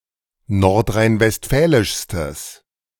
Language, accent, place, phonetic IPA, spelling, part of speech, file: German, Germany, Berlin, [ˌnɔʁtʁaɪ̯nvɛstˈfɛːlɪʃstəs], nordrhein-westfälischstes, adjective, De-nordrhein-westfälischstes.ogg
- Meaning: strong/mixed nominative/accusative neuter singular superlative degree of nordrhein-westfälisch